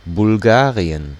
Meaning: Bulgaria (a country in Southeastern Europe)
- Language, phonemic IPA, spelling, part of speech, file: German, /bʊlˈɡaːʁi̯ən/, Bulgarien, proper noun, De-Bulgarien.ogg